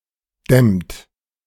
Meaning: inflection of dämmen: 1. second-person plural present 2. third-person singular present 3. plural imperative
- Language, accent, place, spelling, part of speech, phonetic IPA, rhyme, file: German, Germany, Berlin, dämmt, verb, [dɛmt], -ɛmt, De-dämmt.ogg